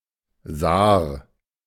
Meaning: Saar (a right tributary of the Moselle in France and Germany)
- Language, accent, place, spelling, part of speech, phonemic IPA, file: German, Germany, Berlin, Saar, proper noun, /zaːr/, De-Saar.ogg